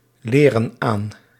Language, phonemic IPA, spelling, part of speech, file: Dutch, /ˈlerə(n) ˈan/, leren aan, verb, Nl-leren aan.ogg
- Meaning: inflection of aanleren: 1. plural present indicative 2. plural present subjunctive